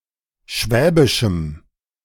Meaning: strong dative masculine/neuter singular of schwäbisch
- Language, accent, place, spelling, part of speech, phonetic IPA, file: German, Germany, Berlin, schwäbischem, adjective, [ˈʃvɛːbɪʃm̩], De-schwäbischem.ogg